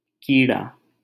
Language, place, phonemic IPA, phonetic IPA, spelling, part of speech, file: Hindi, Delhi, /kiː.ɽɑː/, [kiː.ɽäː], कीड़ा, noun, LL-Q1568 (hin)-कीड़ा.wav
- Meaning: insect, bug